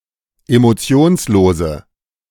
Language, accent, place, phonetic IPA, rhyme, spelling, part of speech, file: German, Germany, Berlin, [emoˈt͡si̯oːnsˌloːzə], -oːnsloːzə, emotionslose, adjective, De-emotionslose.ogg
- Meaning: inflection of emotionslos: 1. strong/mixed nominative/accusative feminine singular 2. strong nominative/accusative plural 3. weak nominative all-gender singular